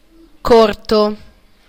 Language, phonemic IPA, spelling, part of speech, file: Italian, /ˈkorto/, corto, adjective, It-corto.ogg